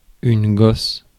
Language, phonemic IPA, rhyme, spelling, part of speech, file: French, /ɡɔs/, -ɔs, gosse, noun, Fr-gosse.ogg
- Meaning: 1. child, kid 2. testicle 3. hull, husk, shell, clove (of garlic)